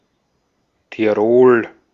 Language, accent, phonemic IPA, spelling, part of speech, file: German, Austria, /tiˈʁoːl/, Tirol, proper noun, De-at-Tirol.ogg
- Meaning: 1. Tyrol (a state in western Austria) 2. Tyrol (a geographic region in Central Europe including the state of Tyrol in Austria and the regions of South Tyrol and Trentino in Italy)